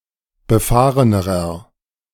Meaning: inflection of befahren: 1. strong/mixed nominative masculine singular comparative degree 2. strong genitive/dative feminine singular comparative degree 3. strong genitive plural comparative degree
- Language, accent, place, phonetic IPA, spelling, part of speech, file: German, Germany, Berlin, [bəˈfaːʁənəʁɐ], befahrenerer, adjective, De-befahrenerer.ogg